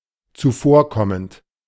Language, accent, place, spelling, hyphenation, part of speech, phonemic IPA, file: German, Germany, Berlin, zuvorkommend, zu‧vor‧kom‧mend, verb / adjective, /tsuˈfoːrˌkɔmənt/, De-zuvorkommend.ogg
- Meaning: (verb) present participle of zuvorkommen; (adjective) considerate, obliging, accomodating, courteous